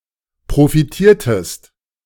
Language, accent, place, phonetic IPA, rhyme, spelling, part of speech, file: German, Germany, Berlin, [pʁofiˈtiːɐ̯təst], -iːɐ̯təst, profitiertest, verb, De-profitiertest.ogg
- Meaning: inflection of profitieren: 1. second-person singular preterite 2. second-person singular subjunctive II